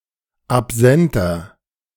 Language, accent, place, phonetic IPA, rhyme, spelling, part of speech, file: German, Germany, Berlin, [apˈzɛntɐ], -ɛntɐ, absenter, adjective, De-absenter.ogg
- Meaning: inflection of absent: 1. strong/mixed nominative masculine singular 2. strong genitive/dative feminine singular 3. strong genitive plural